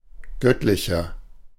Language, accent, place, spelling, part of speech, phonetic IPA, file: German, Germany, Berlin, göttlicher, adjective, [ˈɡœtlɪçɐ], De-göttlicher.ogg
- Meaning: 1. comparative degree of göttlich 2. inflection of göttlich: strong/mixed nominative masculine singular 3. inflection of göttlich: strong genitive/dative feminine singular